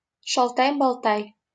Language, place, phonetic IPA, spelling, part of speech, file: Russian, Saint Petersburg, [ʂɐɫˈtaj bɐɫˈtaj], Шалтай-Болтай, proper noun, LL-Q7737 (rus)-Шалтай-Болтай.wav
- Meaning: Humpty Dumpty (fairy tale character)